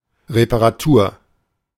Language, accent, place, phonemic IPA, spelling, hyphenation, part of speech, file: German, Germany, Berlin, /ʁepaʁaˈtuːɐ̯/, Reparatur, Re‧pa‧ra‧tur, noun, De-Reparatur.ogg
- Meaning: repair, mending